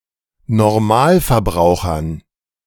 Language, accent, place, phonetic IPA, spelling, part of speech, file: German, Germany, Berlin, [nɔʁˈmaːlfɛɐ̯ˌbʁaʊ̯xɐn], Normalverbrauchern, noun, De-Normalverbrauchern.ogg
- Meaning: dative plural of Ottonormalverbraucher